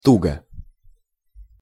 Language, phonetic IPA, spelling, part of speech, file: Russian, [ˈtuɡə], туго, adverb / adjective, Ru-туго.ogg
- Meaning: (adverb) 1. tightly 2. slowly; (adjective) 1. it is bad, hard, difficult 2. it is tight, short, lacking 3. short neuter singular of туго́й (tugój)